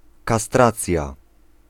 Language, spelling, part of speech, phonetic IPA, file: Polish, kastracja, noun, [kaˈstrat͡sʲja], Pl-kastracja.ogg